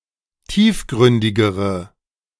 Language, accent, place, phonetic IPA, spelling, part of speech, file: German, Germany, Berlin, [ˈtiːfˌɡʁʏndɪɡəʁə], tiefgründigere, adjective, De-tiefgründigere.ogg
- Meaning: inflection of tiefgründig: 1. strong/mixed nominative/accusative feminine singular comparative degree 2. strong nominative/accusative plural comparative degree